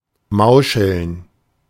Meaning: 1. to scheme, collude 2. to cheat 3. to mumble 4. to speak Yiddish
- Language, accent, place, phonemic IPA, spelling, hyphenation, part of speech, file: German, Germany, Berlin, /ˈmaʊ̯ʃl̩n/, mauscheln, mau‧scheln, verb, De-mauscheln.ogg